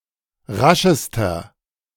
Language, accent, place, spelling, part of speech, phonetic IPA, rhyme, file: German, Germany, Berlin, raschester, adjective, [ˈʁaʃəstɐ], -aʃəstɐ, De-raschester.ogg
- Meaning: inflection of rasch: 1. strong/mixed nominative masculine singular superlative degree 2. strong genitive/dative feminine singular superlative degree 3. strong genitive plural superlative degree